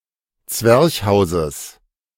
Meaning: genitive singular of Zwerchhaus
- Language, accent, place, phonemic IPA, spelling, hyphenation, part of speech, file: German, Germany, Berlin, /ˈt͡svɛʁçhaʊ̯zəs/, Zwerchhauses, Zwerch‧hau‧ses, noun, De-Zwerchhauses.ogg